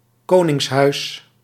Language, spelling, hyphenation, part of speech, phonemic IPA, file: Dutch, koningshuis, ko‧nings‧huis, noun, /ˈkoː.nɪŋsˌɦœy̯s/, Nl-koningshuis.ogg
- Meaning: royal house (part of a royal family considered eligible for rule)